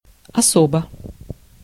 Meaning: 1. separately 2. differently 3. especially, particularly
- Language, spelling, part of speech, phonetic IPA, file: Russian, особо, adverb, [ɐˈsobə], Ru-особо.ogg